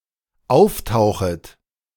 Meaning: second-person plural dependent subjunctive I of auftauchen
- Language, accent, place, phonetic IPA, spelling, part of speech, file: German, Germany, Berlin, [ˈaʊ̯fˌtaʊ̯xət], auftauchet, verb, De-auftauchet.ogg